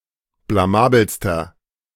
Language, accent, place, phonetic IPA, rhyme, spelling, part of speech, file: German, Germany, Berlin, [blaˈmaːbl̩stɐ], -aːbl̩stɐ, blamabelster, adjective, De-blamabelster.ogg
- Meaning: inflection of blamabel: 1. strong/mixed nominative masculine singular superlative degree 2. strong genitive/dative feminine singular superlative degree 3. strong genitive plural superlative degree